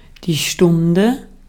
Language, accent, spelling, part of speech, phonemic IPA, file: German, Austria, Stunde, noun, /ˈʃtʊndə/, De-at-Stunde.ogg
- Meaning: 1. hour (unit of time consisting of 60 minutes) 2. hour, moment, time (point in time) 3. lesson; class (teaching unit, usually between 45 and 90 minutes)